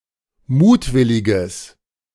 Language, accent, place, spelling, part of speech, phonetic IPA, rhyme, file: German, Germany, Berlin, mutwilliges, adjective, [ˈmuːtˌvɪlɪɡəs], -uːtvɪlɪɡəs, De-mutwilliges.ogg
- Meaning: strong/mixed nominative/accusative neuter singular of mutwillig